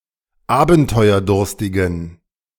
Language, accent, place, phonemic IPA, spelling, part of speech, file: German, Germany, Berlin, /ˈaːbn̩tɔɪ̯ɐˌdʊʁstɪɡn̩/, abenteuerdurstigen, adjective, De-abenteuerdurstigen.ogg
- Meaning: inflection of abenteuerdurstig: 1. strong genitive masculine/neuter singular 2. weak/mixed genitive/dative all-gender singular 3. strong/weak/mixed accusative masculine singular